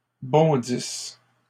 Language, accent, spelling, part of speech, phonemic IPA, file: French, Canada, bondisses, verb, /bɔ̃.dis/, LL-Q150 (fra)-bondisses.wav
- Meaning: second-person singular present/imperfect subjunctive of bondir